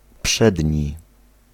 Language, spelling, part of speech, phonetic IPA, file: Polish, przedni, adjective, [ˈpʃɛdʲɲi], Pl-przedni.ogg